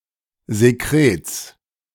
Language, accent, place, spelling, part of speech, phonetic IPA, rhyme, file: German, Germany, Berlin, Sekrets, noun, [zeˈkʁeːt͡s], -eːt͡s, De-Sekrets.ogg
- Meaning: genitive singular of Sekret